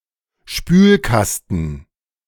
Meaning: cistern (of toilet); toilet tank (US)
- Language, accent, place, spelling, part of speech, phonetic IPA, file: German, Germany, Berlin, Spülkasten, noun, [ˈʃpyːlˌkastn̩], De-Spülkasten.ogg